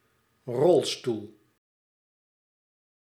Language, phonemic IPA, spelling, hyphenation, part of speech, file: Dutch, /ˈrɔl.stul/, rolstoel, rol‧stoel, noun, Nl-rolstoel.ogg
- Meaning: wheelchair